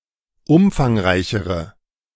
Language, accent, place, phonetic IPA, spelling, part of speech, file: German, Germany, Berlin, [ˈʊmfaŋˌʁaɪ̯çəʁə], umfangreichere, adjective, De-umfangreichere.ogg
- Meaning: inflection of umfangreich: 1. strong/mixed nominative/accusative feminine singular comparative degree 2. strong nominative/accusative plural comparative degree